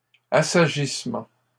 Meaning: settling down
- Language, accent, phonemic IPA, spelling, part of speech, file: French, Canada, /a.sa.ʒis.mɑ̃/, assagissement, noun, LL-Q150 (fra)-assagissement.wav